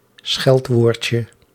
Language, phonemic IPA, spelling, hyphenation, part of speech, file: Dutch, /ˈsxɛlt.ʋoːr.tjə/, scheldwoordje, scheld‧woord‧je, noun, Nl-scheldwoordje.ogg
- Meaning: diminutive of scheldwoord